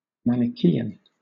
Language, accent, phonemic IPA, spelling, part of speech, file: English, Southern England, /ˌmænɪˈkiːən/, Manichaean, noun / adjective, LL-Q1860 (eng)-Manichaean.wav
- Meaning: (noun) A follower of Manichaeism; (adjective) 1. Of or relating to Manichaeism 2. Of or concerning a Manichaean